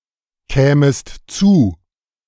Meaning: second-person singular subjunctive II of zukommen
- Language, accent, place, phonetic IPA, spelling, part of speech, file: German, Germany, Berlin, [ˌkɛːməst ˈt͡suː], kämest zu, verb, De-kämest zu.ogg